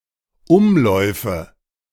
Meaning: nominative/accusative/genitive plural of Umlauf
- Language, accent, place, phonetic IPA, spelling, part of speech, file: German, Germany, Berlin, [ˈʊmˌlɔɪ̯fə], Umläufe, noun, De-Umläufe.ogg